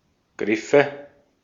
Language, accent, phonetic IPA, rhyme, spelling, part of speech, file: German, Austria, [ˈɡʁɪfə], -ɪfə, Griffe, noun, De-at-Griffe.ogg
- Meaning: nominative/accusative/genitive plural of Griff